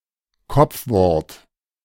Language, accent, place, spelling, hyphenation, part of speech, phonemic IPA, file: German, Germany, Berlin, Kopfwort, Kopf‧wort, noun, /ˈkɔp͡fˌvɔʁt/, De-Kopfwort.ogg
- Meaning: final clipping; apocope